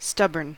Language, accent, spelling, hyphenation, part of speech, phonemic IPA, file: English, US, stubborn, stub‧born, adjective / noun, /ˈstʌbɚn/, En-us-stubborn.ogg
- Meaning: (adjective) 1. Refusing to move or to change one's opinion; obstinate; firmly resisting; persistent in doing something 2. Physically stiff and inflexible; not easily melted or worked